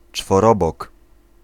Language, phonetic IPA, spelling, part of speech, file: Polish, [t͡ʃfɔˈrɔbɔk], czworobok, noun, Pl-czworobok.ogg